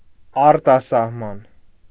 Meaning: foreign countries, the abroad
- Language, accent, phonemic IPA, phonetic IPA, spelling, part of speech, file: Armenian, Eastern Armenian, /ɑɾtɑsɑhˈmɑn/, [ɑɾtɑsɑhmɑ́n], արտասահման, noun, Hy-արտասահման.ogg